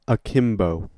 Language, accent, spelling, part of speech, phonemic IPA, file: English, US, akimbo, adjective / adverb / verb, /əˈkɪm.boʊ/, En-us-akimbo.ogg
- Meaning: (adjective) 1. With a crook or bend; with the hand on the hip and elbow turned outward 2. With legs spread and the knees bent in an outward or awkward way, sometimes with the feet touching